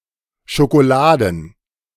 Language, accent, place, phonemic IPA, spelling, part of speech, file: German, Germany, Berlin, /ʃokoˈlaːdn̩/, schokoladen, adjective, De-schokoladen.ogg
- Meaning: chocolate